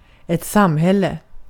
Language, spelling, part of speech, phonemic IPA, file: Swedish, samhälle, noun, /ˈsamˌhɛlːɛ/, Sv-samhälle.ogg
- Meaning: 1. a society; a long-standing group of people sharing cultural aspects 2. a society, the sum total of all voluntary interrelations between individuals